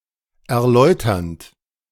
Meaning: present participle of erläutern
- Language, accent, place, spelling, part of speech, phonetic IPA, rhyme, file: German, Germany, Berlin, erläuternd, verb, [ɛɐ̯ˈlɔɪ̯tɐnt], -ɔɪ̯tɐnt, De-erläuternd.ogg